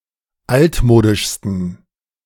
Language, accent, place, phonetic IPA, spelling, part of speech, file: German, Germany, Berlin, [ˈaltˌmoːdɪʃstn̩], altmodischsten, adjective, De-altmodischsten.ogg
- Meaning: 1. superlative degree of altmodisch 2. inflection of altmodisch: strong genitive masculine/neuter singular superlative degree